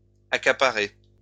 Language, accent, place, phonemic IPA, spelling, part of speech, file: French, France, Lyon, /a.ka.pa.ʁe/, accaparée, verb, LL-Q150 (fra)-accaparée.wav
- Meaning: feminine singular of accaparé